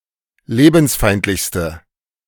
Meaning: inflection of lebensfeindlich: 1. strong/mixed nominative/accusative feminine singular superlative degree 2. strong nominative/accusative plural superlative degree
- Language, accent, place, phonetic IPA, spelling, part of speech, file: German, Germany, Berlin, [ˈleːbn̩sˌfaɪ̯ntlɪçstə], lebensfeindlichste, adjective, De-lebensfeindlichste.ogg